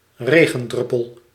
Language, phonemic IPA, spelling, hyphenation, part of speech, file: Dutch, /ˈreːɣə(n)ˌdrʏpəl/, regendruppel, re‧gen‧drup‧pel, noun, Nl-regendruppel.ogg
- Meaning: a raindrop, drop(let) of rainwater